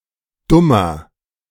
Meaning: inflection of dumm: 1. strong/mixed nominative masculine singular 2. strong genitive/dative feminine singular 3. strong genitive plural
- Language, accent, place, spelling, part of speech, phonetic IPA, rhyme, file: German, Germany, Berlin, dummer, adjective, [ˈdʊmɐ], -ʊmɐ, De-dummer.ogg